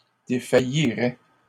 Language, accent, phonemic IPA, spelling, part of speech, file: French, Canada, /de.fa.ji.ʁɛ/, défailliraient, verb, LL-Q150 (fra)-défailliraient.wav
- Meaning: third-person plural conditional of défaillir